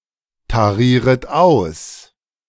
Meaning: second-person plural subjunctive I of austarieren
- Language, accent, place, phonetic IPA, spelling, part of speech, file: German, Germany, Berlin, [taˌʁiːʁət ˈaʊ̯s], tarieret aus, verb, De-tarieret aus.ogg